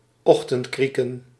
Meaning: dawn, sunrise
- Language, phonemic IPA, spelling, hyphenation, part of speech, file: Dutch, /ˈɔxtəntˌkrikə(n)/, ochtendkrieken, ocht‧end‧krie‧ken, noun, Nl-ochtendkrieken.ogg